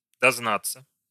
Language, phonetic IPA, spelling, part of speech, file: Russian, [dɐzˈnat͡sːə], дознаться, verb, Ru-дознаться.ogg
- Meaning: to find out, to inquire (about)